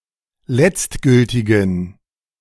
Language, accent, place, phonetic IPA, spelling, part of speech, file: German, Germany, Berlin, [ˈlɛt͡stˌɡʏltɪɡn̩], letztgültigen, adjective, De-letztgültigen.ogg
- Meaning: inflection of letztgültig: 1. strong genitive masculine/neuter singular 2. weak/mixed genitive/dative all-gender singular 3. strong/weak/mixed accusative masculine singular 4. strong dative plural